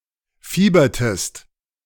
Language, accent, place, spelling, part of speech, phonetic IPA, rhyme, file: German, Germany, Berlin, fiebertest, verb, [ˈfiːbɐtəst], -iːbɐtəst, De-fiebertest.ogg
- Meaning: inflection of fiebern: 1. second-person singular preterite 2. second-person singular subjunctive II